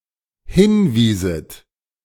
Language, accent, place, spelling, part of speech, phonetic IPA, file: German, Germany, Berlin, hinwieset, verb, [ˈhɪnˌviːzət], De-hinwieset.ogg
- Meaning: second-person plural dependent subjunctive II of hinweisen